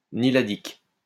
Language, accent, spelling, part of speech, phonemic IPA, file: French, France, niladique, adjective, /ni.la.dik/, LL-Q150 (fra)-niladique.wav
- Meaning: niladic